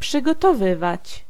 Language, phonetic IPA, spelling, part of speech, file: Polish, [ˌpʃɨɡɔtɔˈvɨvat͡ɕ], przygotowywać, verb, Pl-przygotowywać.ogg